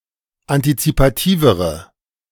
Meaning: inflection of antizipativ: 1. strong/mixed nominative/accusative feminine singular comparative degree 2. strong nominative/accusative plural comparative degree
- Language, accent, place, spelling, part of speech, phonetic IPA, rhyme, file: German, Germany, Berlin, antizipativere, adjective, [antit͡sipaˈtiːvəʁə], -iːvəʁə, De-antizipativere.ogg